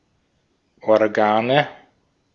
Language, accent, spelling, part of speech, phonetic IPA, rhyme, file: German, Austria, Organe, noun, [ɔʁˈɡaːnə], -aːnə, De-at-Organe.ogg
- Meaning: nominative/accusative/genitive plural of Organ